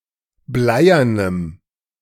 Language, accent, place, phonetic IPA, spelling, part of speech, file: German, Germany, Berlin, [ˈblaɪ̯ɐnəm], bleiernem, adjective, De-bleiernem.ogg
- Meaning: strong dative masculine/neuter singular of bleiern